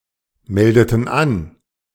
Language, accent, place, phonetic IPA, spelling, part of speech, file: German, Germany, Berlin, [ˌmɛldətn̩ ˈan], meldeten an, verb, De-meldeten an.ogg
- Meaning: inflection of anmelden: 1. first/third-person plural preterite 2. first/third-person plural subjunctive II